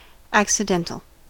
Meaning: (adjective) Pertaining to accident and not essence; thus, inessential; incidental; secondary
- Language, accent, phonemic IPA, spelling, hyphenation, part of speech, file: English, US, /ˌæk.sɪˈdɛn.tl̩/, accidental, ac‧ci‧den‧tal, adjective / noun, En-us-accidental.ogg